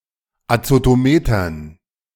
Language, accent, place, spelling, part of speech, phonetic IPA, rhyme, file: German, Germany, Berlin, Azotometern, noun, [at͡sotoˈmeːtɐn], -eːtɐn, De-Azotometern.ogg
- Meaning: dative plural of Azotometer